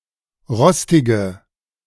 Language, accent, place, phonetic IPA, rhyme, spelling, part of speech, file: German, Germany, Berlin, [ˈʁɔstɪɡə], -ɔstɪɡə, rostige, adjective, De-rostige.ogg
- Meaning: inflection of rostig: 1. strong/mixed nominative/accusative feminine singular 2. strong nominative/accusative plural 3. weak nominative all-gender singular 4. weak accusative feminine/neuter singular